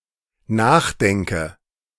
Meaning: inflection of nachdenken: 1. first-person singular dependent present 2. first/third-person singular dependent subjunctive I
- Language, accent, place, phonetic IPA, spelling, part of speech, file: German, Germany, Berlin, [ˈnaːxˌdɛŋkə], nachdenke, verb, De-nachdenke.ogg